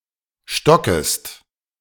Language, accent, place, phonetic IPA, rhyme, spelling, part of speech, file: German, Germany, Berlin, [ˈʃtɔkəst], -ɔkəst, stockest, verb, De-stockest.ogg
- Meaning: second-person singular subjunctive I of stocken